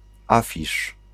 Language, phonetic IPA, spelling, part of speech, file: Polish, [ˈafʲiʃ], afisz, noun, Pl-afisz.ogg